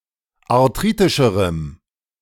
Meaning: strong dative masculine/neuter singular comparative degree of arthritisch
- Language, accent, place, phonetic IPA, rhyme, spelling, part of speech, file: German, Germany, Berlin, [aʁˈtʁiːtɪʃəʁəm], -iːtɪʃəʁəm, arthritischerem, adjective, De-arthritischerem.ogg